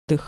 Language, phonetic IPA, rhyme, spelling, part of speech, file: Russian, [dɨx], -ɨx, дых, noun, Ru-дых.ogg
- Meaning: 1. breath, exhalation 2. upper part of the abdomen, epigastrium